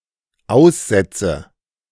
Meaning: inflection of aussetzen: 1. first-person singular dependent present 2. first/third-person singular dependent subjunctive I
- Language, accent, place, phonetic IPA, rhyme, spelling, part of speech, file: German, Germany, Berlin, [ˈaʊ̯sˌzɛt͡sə], -aʊ̯szɛt͡sə, aussetze, verb, De-aussetze.ogg